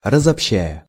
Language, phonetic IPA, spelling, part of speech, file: Russian, [rəzɐpˈɕːæjə], разобщая, verb, Ru-разобщая.ogg
- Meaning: present adverbial imperfective participle of разобща́ть (razobščátʹ)